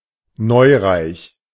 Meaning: nouveau riche, new-rich
- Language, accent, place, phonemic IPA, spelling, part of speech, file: German, Germany, Berlin, /ˈnɔɪ̯ʁaɪ̯ç/, neureich, adjective, De-neureich.ogg